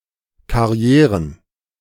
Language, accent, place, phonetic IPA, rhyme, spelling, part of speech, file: German, Germany, Berlin, [kaˈʁi̯eːʁən], -eːʁən, Karrieren, noun, De-Karrieren.ogg
- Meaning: plural of Karriere